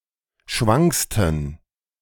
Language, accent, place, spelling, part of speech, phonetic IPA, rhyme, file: German, Germany, Berlin, schwanksten, adjective, [ˈʃvaŋkstn̩], -aŋkstn̩, De-schwanksten.ogg
- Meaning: 1. superlative degree of schwank 2. inflection of schwank: strong genitive masculine/neuter singular superlative degree